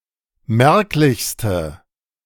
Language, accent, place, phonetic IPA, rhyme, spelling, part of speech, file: German, Germany, Berlin, [ˈmɛʁklɪçstə], -ɛʁklɪçstə, merklichste, adjective, De-merklichste.ogg
- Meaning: inflection of merklich: 1. strong/mixed nominative/accusative feminine singular superlative degree 2. strong nominative/accusative plural superlative degree